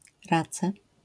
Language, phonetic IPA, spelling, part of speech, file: Polish, [ˈrat͡sɛ], race, noun, LL-Q809 (pol)-race.wav